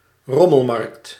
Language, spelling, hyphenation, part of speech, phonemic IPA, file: Dutch, rommelmarkt, rom‧mel‧markt, noun, /ˈrɔməlˌmɑrᵊkt/, Nl-rommelmarkt.ogg
- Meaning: flea market